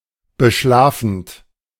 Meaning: present participle of beschlafen
- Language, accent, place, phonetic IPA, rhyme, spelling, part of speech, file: German, Germany, Berlin, [bəˈʃlaːfn̩t], -aːfn̩t, beschlafend, verb, De-beschlafend.ogg